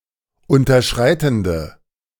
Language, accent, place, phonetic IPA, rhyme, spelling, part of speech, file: German, Germany, Berlin, [ˌʊntɐˈʃʁaɪ̯tn̩də], -aɪ̯tn̩də, unterschreitende, adjective, De-unterschreitende.ogg
- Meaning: inflection of unterschreitend: 1. strong/mixed nominative/accusative feminine singular 2. strong nominative/accusative plural 3. weak nominative all-gender singular